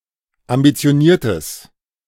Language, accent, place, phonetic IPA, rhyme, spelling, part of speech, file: German, Germany, Berlin, [ambit͡si̯oˈniːɐ̯təs], -iːɐ̯təs, ambitioniertes, adjective, De-ambitioniertes.ogg
- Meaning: strong/mixed nominative/accusative neuter singular of ambitioniert